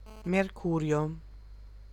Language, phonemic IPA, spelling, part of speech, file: Italian, /merˈkurjo/, Mercurio, proper noun, It-Mercurio.ogg